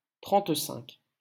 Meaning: thirty-five
- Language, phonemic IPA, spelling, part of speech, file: French, /tʁɑ̃t.sɛ̃k/, trente-cinq, numeral, LL-Q150 (fra)-trente-cinq.wav